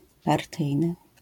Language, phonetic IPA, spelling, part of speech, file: Polish, [parˈtɨjnɨ], partyjny, adjective / noun, LL-Q809 (pol)-partyjny.wav